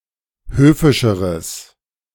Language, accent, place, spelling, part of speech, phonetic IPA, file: German, Germany, Berlin, höfischeres, adjective, [ˈhøːfɪʃəʁəs], De-höfischeres.ogg
- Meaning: strong/mixed nominative/accusative neuter singular comparative degree of höfisch